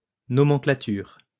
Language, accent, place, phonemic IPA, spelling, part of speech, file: French, France, Lyon, /nɔ.mɑ̃.kla.tyʁ/, nomenclature, noun, LL-Q150 (fra)-nomenclature.wav
- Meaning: nomenclature